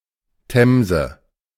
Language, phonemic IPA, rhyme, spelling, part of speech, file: German, /ˈtɛmzə/, -ɛmzə, Themse, proper noun, De-Themse.oga
- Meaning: Thames (a river in southeast England in the United Kingdom, flowing through London)